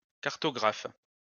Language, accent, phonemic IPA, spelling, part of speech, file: French, France, /kaʁ.tɔ.ɡʁaf/, cartographe, noun, LL-Q150 (fra)-cartographe.wav
- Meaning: cartographer